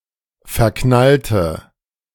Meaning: inflection of verknallen: 1. first/third-person singular preterite 2. first/third-person singular subjunctive II
- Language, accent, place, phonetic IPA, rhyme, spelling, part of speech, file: German, Germany, Berlin, [fɛɐ̯ˈknaltə], -altə, verknallte, adjective / verb, De-verknallte.ogg